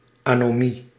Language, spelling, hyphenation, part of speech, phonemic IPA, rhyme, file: Dutch, anomie, ano‧mie, noun, /ˌaː.noːˈmi/, -i, Nl-anomie.ogg
- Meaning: 1. lawlessness 2. anomie